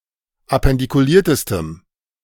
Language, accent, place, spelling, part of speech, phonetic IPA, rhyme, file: German, Germany, Berlin, appendikuliertestem, adjective, [apɛndikuˈliːɐ̯təstəm], -iːɐ̯təstəm, De-appendikuliertestem.ogg
- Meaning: strong dative masculine/neuter singular superlative degree of appendikuliert